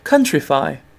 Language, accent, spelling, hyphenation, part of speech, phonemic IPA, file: English, UK, countrify, coun‧tri‧fy, verb, /ˈkʌn.tɹɪ.fʌɪ/, En-uk-countrify.ogg
- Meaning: 1. To make rural or rustic 2. To make more like country music